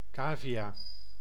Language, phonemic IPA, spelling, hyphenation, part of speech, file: Dutch, /ˈkaːviˌjaː/, cavia, ca‧via, noun, Nl-cavia.ogg
- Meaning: guinea pig (Cavia porcellus)